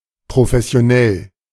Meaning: 1. professional (of or pertaining to a profession) 2. professional (highly competent, etc.)
- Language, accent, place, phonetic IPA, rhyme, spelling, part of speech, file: German, Germany, Berlin, [pʁofɛsi̯oˈnɛl], -ɛl, professionell, adjective, De-professionell.ogg